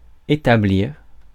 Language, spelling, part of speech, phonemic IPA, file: French, établir, verb, /e.ta.bliʁ/, Fr-établir.ogg
- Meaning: 1. to make out (a bill), to draw up (a document etc.) 2. to establish, to set up (a business, government, camp, reputation etc.) 3. to demonstrate, establish (a fact, responsibility)